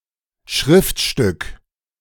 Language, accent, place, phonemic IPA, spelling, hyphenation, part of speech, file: German, Germany, Berlin, /ˈʃʁɪftˌʃtʏk/, Schriftstück, Schrift‧stück, noun, De-Schriftstück.ogg
- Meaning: 1. document 2. writ